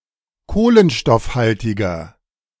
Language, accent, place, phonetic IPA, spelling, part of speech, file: German, Germany, Berlin, [ˈkoːlənʃtɔfˌhaltɪɡɐ], kohlenstoffhaltiger, adjective, De-kohlenstoffhaltiger.ogg
- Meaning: inflection of kohlenstoffhaltig: 1. strong/mixed nominative masculine singular 2. strong genitive/dative feminine singular 3. strong genitive plural